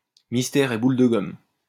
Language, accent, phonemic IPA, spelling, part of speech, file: French, France, /mis.tɛʁ e bul də ɡɔm/, mystère et boule de gomme, interjection, LL-Q150 (fra)-mystère et boule de gomme.wav
- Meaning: who knows?